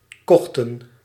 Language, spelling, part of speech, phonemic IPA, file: Dutch, kochten, verb, /ˈkɔxtə(n)/, Nl-kochten.ogg
- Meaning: inflection of kopen: 1. plural past indicative 2. plural past subjunctive